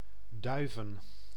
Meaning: Duiven (a village and municipality of Gelderland, Netherlands)
- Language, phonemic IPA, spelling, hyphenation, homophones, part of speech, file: Dutch, /ˈdœy̯.və(n)/, Duiven, Dui‧ven, duiven, proper noun, Nl-Duiven.ogg